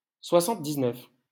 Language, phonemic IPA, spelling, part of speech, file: French, /swa.sɑ̃t.diz.nœf/, soixante-dix-neuf, numeral, LL-Q150 (fra)-soixante-dix-neuf.wav
- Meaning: seventy-nine